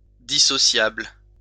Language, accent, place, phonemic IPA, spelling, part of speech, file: French, France, Lyon, /di.sɔ.sjabl/, dissociable, adjective, LL-Q150 (fra)-dissociable.wav
- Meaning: dissociable